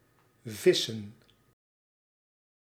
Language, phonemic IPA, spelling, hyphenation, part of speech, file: Dutch, /ˈvɪ.sə(n)/, vissen, vis‧sen, verb / noun, Nl-vissen.ogg
- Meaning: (verb) 1. to fish, to try to catch fish 2. to fish (trying to get information); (noun) plural of vis